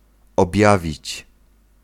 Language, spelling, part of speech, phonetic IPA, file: Polish, objawić, verb, [ɔbʲˈjavʲit͡ɕ], Pl-objawić.ogg